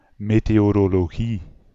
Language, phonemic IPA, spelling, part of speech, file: Dutch, /meteˌjoroloˈɣi/, meteorologie, noun, Nl-meteorologie.ogg
- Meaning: meteorology